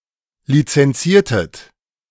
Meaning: inflection of lizenzieren: 1. second-person plural preterite 2. second-person plural subjunctive II
- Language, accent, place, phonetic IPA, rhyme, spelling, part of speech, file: German, Germany, Berlin, [lit͡sɛnˈt͡siːɐ̯tət], -iːɐ̯tət, lizenziertet, verb, De-lizenziertet.ogg